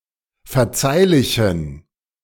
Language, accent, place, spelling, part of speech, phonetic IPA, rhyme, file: German, Germany, Berlin, verzeihlichen, adjective, [fɛɐ̯ˈt͡saɪ̯lɪçn̩], -aɪ̯lɪçn̩, De-verzeihlichen.ogg
- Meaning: inflection of verzeihlich: 1. strong genitive masculine/neuter singular 2. weak/mixed genitive/dative all-gender singular 3. strong/weak/mixed accusative masculine singular 4. strong dative plural